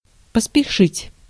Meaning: to hurry, to hasten, to make haste, to be in a hurry
- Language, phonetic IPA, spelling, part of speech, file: Russian, [pəspʲɪˈʂɨtʲ], поспешить, verb, Ru-поспешить.ogg